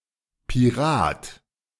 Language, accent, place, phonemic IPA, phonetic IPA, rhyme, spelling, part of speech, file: German, Germany, Berlin, /piˈʁaːt/, [pʰiˈʁaːtʰ], -aːt, Pirat, noun, De-Pirat.ogg
- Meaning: 1. pirate (a criminal who plunders at sea) 2. member of a pirate party 3. synonym of Raubkopierer (one who breaks intellectual property laws)